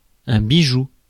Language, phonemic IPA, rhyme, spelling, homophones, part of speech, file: French, /bi.ʒu/, -u, bijou, bijoux, noun, Fr-bijou.ogg
- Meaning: a piece of jewelry